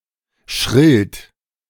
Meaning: 1. superlative degree of schrill 2. inflection of schrill: strong genitive masculine/neuter singular superlative degree
- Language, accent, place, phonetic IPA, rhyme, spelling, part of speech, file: German, Germany, Berlin, [ˈʃʁɪlstn̩], -ɪlstn̩, schrillsten, adjective, De-schrillsten.ogg